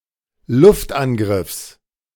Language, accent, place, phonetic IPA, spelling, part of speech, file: German, Germany, Berlin, [ˈlʊftʔanˌɡʁɪfs], Luftangriffs, noun, De-Luftangriffs.ogg
- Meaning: genitive singular of Luftangriff